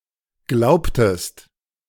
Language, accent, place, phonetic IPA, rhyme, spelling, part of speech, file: German, Germany, Berlin, [ˈɡlaʊ̯ptəst], -aʊ̯ptəst, glaubtest, verb, De-glaubtest.ogg
- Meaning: inflection of glauben: 1. second-person singular preterite 2. second-person singular subjunctive II